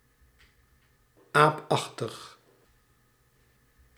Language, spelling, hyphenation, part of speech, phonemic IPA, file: Dutch, aapachtig, aap‧ach‧tig, adjective, /ˈaːpˌɑx.təx/, Nl-aapachtig.ogg
- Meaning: simian, apish, monkeylike